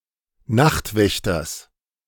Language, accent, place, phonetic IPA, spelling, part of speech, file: German, Germany, Berlin, [ˈnaxtˌvɛçtɐs], Nachtwächters, noun, De-Nachtwächters.ogg
- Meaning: genitive singular of Nachtwächter